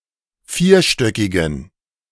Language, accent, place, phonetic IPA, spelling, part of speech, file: German, Germany, Berlin, [ˈfiːɐ̯ˌʃtœkɪɡn̩], vierstöckigen, adjective, De-vierstöckigen.ogg
- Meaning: inflection of vierstöckig: 1. strong genitive masculine/neuter singular 2. weak/mixed genitive/dative all-gender singular 3. strong/weak/mixed accusative masculine singular 4. strong dative plural